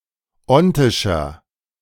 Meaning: inflection of ontisch: 1. strong/mixed nominative masculine singular 2. strong genitive/dative feminine singular 3. strong genitive plural
- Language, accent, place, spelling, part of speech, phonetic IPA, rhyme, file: German, Germany, Berlin, ontischer, adjective, [ˈɔntɪʃɐ], -ɔntɪʃɐ, De-ontischer.ogg